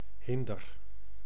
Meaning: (noun) hindrance, impediment, obstruction; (verb) inflection of hinderen: 1. first-person singular present indicative 2. second-person singular present indicative 3. imperative
- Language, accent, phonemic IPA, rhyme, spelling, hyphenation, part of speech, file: Dutch, Netherlands, /ˈɦɪn.dər/, -ɪndər, hinder, hin‧der, noun / verb, Nl-hinder.ogg